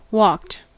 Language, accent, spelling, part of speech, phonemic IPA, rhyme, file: English, US, walked, verb, /wɔkt/, -ɔːkt, En-us-walked.ogg
- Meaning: simple past and past participle of walk